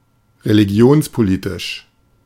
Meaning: religiopolitical
- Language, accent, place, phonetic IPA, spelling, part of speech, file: German, Germany, Berlin, [ʁeliˈɡi̯oːnspoˌliːtɪʃ], religionspolitisch, adjective, De-religionspolitisch.ogg